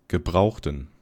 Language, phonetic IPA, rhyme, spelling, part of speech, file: German, [ɡəˈbʁaʊ̯xtn̩], -aʊ̯xtn̩, gebrauchten, adjective / verb, De-gebrauchten.wav
- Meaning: inflection of gebraucht: 1. strong genitive masculine/neuter singular 2. weak/mixed genitive/dative all-gender singular 3. strong/weak/mixed accusative masculine singular 4. strong dative plural